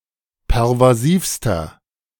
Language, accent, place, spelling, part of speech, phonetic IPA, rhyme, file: German, Germany, Berlin, pervasivster, adjective, [pɛʁvaˈziːfstɐ], -iːfstɐ, De-pervasivster.ogg
- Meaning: inflection of pervasiv: 1. strong/mixed nominative masculine singular superlative degree 2. strong genitive/dative feminine singular superlative degree 3. strong genitive plural superlative degree